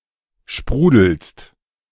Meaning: second-person singular present of sprudeln
- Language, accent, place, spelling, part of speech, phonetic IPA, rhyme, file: German, Germany, Berlin, sprudelst, verb, [ˈʃpʁuːdl̩st], -uːdl̩st, De-sprudelst.ogg